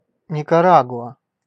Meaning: Nicaragua (a country in Central America)
- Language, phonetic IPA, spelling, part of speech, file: Russian, [nʲɪkɐˈraɡʊə], Никарагуа, proper noun, Ru-Никарагуа.ogg